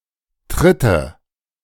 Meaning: nominative/accusative/genitive plural of Tritt
- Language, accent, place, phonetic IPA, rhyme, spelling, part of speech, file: German, Germany, Berlin, [ˈtʁɪtə], -ɪtə, Tritte, noun, De-Tritte.ogg